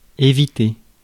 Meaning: 1. to avoid 2. to dodge, to shun, to bypass 3. to avert
- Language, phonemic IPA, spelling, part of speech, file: French, /e.vi.te/, éviter, verb, Fr-éviter.ogg